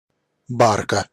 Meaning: 1. kind of a barge, specifically a wooden flat-bottomed river boat, usually undecked 2. genitive singular of барк (bark)
- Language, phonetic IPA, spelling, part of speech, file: Russian, [ˈbarkə], барка, noun, Ru-барка.ogg